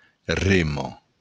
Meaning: 1. oar 2. rowing
- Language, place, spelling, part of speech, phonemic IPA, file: Occitan, Béarn, rema, noun, /ˈre.mɒ/, LL-Q14185 (oci)-rema.wav